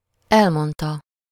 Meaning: third-person singular indicative past definite of elmond
- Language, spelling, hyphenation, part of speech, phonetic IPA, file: Hungarian, elmondta, el‧mond‧ta, verb, [ˈɛlmontɒ], Hu-elmondta.ogg